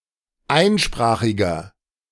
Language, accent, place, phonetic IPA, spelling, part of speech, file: German, Germany, Berlin, [ˈaɪ̯nˌʃpʁaːxɪɡɐ], einsprachiger, adjective, De-einsprachiger.ogg
- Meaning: inflection of einsprachig: 1. strong/mixed nominative masculine singular 2. strong genitive/dative feminine singular 3. strong genitive plural